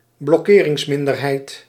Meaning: a minority with the power to delay or stop a decision made by the majority; a blocking minority
- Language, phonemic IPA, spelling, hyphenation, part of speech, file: Dutch, /blɔˈkeː.rɪŋsˌmɪn.dər.ɦɛi̯t/, blokkeringsminderheid, blok‧ke‧rings‧min‧der‧heid, noun, Nl-blokkeringsminderheid.ogg